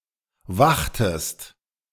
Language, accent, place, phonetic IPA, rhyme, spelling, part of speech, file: German, Germany, Berlin, [ˈvaxtəst], -axtəst, wachtest, verb, De-wachtest.ogg
- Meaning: inflection of wachen: 1. second-person singular preterite 2. second-person singular subjunctive II